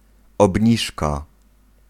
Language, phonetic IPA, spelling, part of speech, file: Polish, [ɔbʲˈɲiʃka], obniżka, noun, Pl-obniżka.ogg